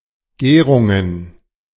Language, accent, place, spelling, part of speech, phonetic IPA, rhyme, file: German, Germany, Berlin, Gärungen, noun, [ˈɡɛːʁʊŋən], -ɛːʁʊŋən, De-Gärungen.ogg
- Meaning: plural of Gärung